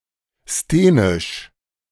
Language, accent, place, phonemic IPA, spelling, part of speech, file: German, Germany, Berlin, /steːnɪʃ/, sthenisch, adjective, De-sthenisch.ogg
- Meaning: sthenic